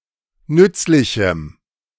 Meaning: strong dative masculine/neuter singular of nützlich
- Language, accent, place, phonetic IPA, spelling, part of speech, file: German, Germany, Berlin, [ˈnʏt͡slɪçm̩], nützlichem, adjective, De-nützlichem.ogg